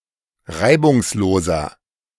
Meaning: inflection of reibungslos: 1. strong/mixed nominative masculine singular 2. strong genitive/dative feminine singular 3. strong genitive plural
- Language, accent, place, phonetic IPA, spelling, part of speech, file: German, Germany, Berlin, [ˈʁaɪ̯bʊŋsˌloːzɐ], reibungsloser, adjective, De-reibungsloser.ogg